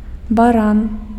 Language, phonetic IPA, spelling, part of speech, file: Belarusian, [baˈran], баран, noun, Be-баран.ogg
- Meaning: ram (male domestic sheep)